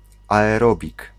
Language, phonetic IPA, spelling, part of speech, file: Polish, [ˌaɛˈrɔbʲik], aerobik, noun, Pl-aerobik.ogg